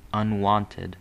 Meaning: 1. Not customary or habitual; unusual; infrequent; strange 2. Unused (to); unaccustomed (to) something
- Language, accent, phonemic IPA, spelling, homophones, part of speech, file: English, US, /ʌnˈwɑntɪd/, unwonted, unwanted, adjective, En-us-unwonted.ogg